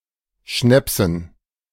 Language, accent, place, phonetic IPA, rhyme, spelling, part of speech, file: German, Germany, Berlin, [ˈʃnɛpsn̩], -ɛpsn̩, Schnäpsen, noun, De-Schnäpsen.ogg
- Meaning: dative plural of Schnaps